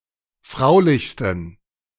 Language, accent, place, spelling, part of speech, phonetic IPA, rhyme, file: German, Germany, Berlin, fraulichsten, adjective, [ˈfʁaʊ̯lɪçstn̩], -aʊ̯lɪçstn̩, De-fraulichsten.ogg
- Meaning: 1. superlative degree of fraulich 2. inflection of fraulich: strong genitive masculine/neuter singular superlative degree